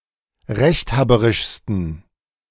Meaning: 1. superlative degree of rechthaberisch 2. inflection of rechthaberisch: strong genitive masculine/neuter singular superlative degree
- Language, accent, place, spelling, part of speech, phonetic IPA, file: German, Germany, Berlin, rechthaberischsten, adjective, [ˈʁɛçtˌhaːbəʁɪʃstn̩], De-rechthaberischsten.ogg